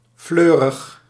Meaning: 1. blooming, lavish 2. cheerful
- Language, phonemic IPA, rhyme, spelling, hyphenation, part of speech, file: Dutch, /ˈfløː.rəx/, -øːrəx, fleurig, fleu‧rig, adjective, Nl-fleurig.ogg